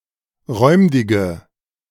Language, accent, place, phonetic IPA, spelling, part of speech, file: German, Germany, Berlin, [ˈʁɔɪ̯mdɪɡə], räumdige, adjective, De-räumdige.ogg
- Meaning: inflection of räumdig: 1. strong/mixed nominative/accusative feminine singular 2. strong nominative/accusative plural 3. weak nominative all-gender singular 4. weak accusative feminine/neuter singular